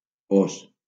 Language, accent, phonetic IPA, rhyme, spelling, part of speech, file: Catalan, Valencia, [ˈos], -os, ós, noun, LL-Q7026 (cat)-ós.wav
- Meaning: superseded spelling of os (“bear”), deprecated in the 2016 orthographic reform by the Institute of Catalan Studies